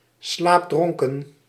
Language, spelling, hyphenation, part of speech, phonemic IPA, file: Dutch, slaapdronken, slaap‧dron‧ken, adjective, /ˈslaːpˌdrɔŋ.kə(n)/, Nl-slaapdronken.ogg
- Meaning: drowsy, dazy, half asleep